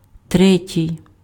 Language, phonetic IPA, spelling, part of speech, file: Ukrainian, [ˈtrɛtʲii̯], третій, adjective, Uk-третій.ogg
- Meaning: third